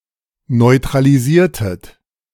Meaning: inflection of neutralisieren: 1. second-person plural preterite 2. second-person plural subjunctive II
- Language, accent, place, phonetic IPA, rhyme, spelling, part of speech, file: German, Germany, Berlin, [nɔɪ̯tʁaliˈziːɐ̯tət], -iːɐ̯tət, neutralisiertet, verb, De-neutralisiertet.ogg